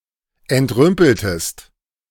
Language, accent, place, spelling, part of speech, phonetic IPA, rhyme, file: German, Germany, Berlin, entrümpeltest, verb, [ɛntˈʁʏmpl̩təst], -ʏmpl̩təst, De-entrümpeltest.ogg
- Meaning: inflection of entrümpeln: 1. second-person singular preterite 2. second-person singular subjunctive II